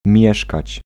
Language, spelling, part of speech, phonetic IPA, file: Polish, mieszkać, verb, [ˈmʲjɛʃkat͡ɕ], Pl-mieszkać.ogg